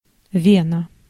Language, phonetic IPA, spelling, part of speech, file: Russian, [ˈvʲenə], вена, noun, Ru-вена.ogg
- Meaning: 1. vein 2. inflection of ве́но (véno): genitive singular 3. inflection of ве́но (véno): nominative/accusative plural